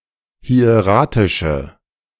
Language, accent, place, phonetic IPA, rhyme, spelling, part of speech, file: German, Germany, Berlin, [hi̯eˈʁaːtɪʃə], -aːtɪʃə, hieratische, adjective, De-hieratische.ogg
- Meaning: inflection of hieratisch: 1. strong/mixed nominative/accusative feminine singular 2. strong nominative/accusative plural 3. weak nominative all-gender singular